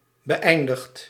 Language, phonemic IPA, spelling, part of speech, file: Dutch, /bəˈʔɛindəxt/, beëindigt, verb, Nl-beëindigt.ogg
- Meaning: inflection of beëindigen: 1. second/third-person singular present indicative 2. plural imperative